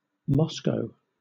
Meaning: 1. A federal city, the capital and largest city of Russia 2. An oblast of Russia surrounding the city, which itself is not part of the oblast; in full, Moscow Oblast
- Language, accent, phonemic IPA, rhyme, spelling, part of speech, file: English, Southern England, /ˈmɒskəʊ/, -ɒskəʊ, Moscow, proper noun, LL-Q1860 (eng)-Moscow.wav